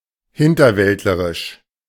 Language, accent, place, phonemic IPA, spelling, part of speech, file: German, Germany, Berlin, /ˈhɪntɐˌvɛltləʁɪʃ/, hinterwäldlerisch, adjective, De-hinterwäldlerisch.ogg
- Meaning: hillbilly, backwoods